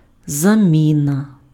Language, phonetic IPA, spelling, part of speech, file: Ukrainian, [zɐˈmʲinɐ], заміна, noun, Uk-заміна.ogg
- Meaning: replacement, substitution